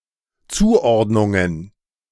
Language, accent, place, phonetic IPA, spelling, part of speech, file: German, Germany, Berlin, [ˈt͡suːˌʔɔʁdnʊŋən], Zuordnungen, noun, De-Zuordnungen.ogg
- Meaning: plural of Zuordnung